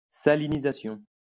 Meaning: salinization
- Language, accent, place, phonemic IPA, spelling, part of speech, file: French, France, Lyon, /sa.li.ni.za.sjɔ̃/, salinisation, noun, LL-Q150 (fra)-salinisation.wav